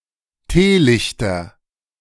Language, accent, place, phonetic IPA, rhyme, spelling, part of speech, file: German, Germany, Berlin, [ˈteːˌlɪçtɐ], -eːlɪçtɐ, Teelichter, noun, De-Teelichter.ogg
- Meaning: nominative/accusative/genitive plural of Teelicht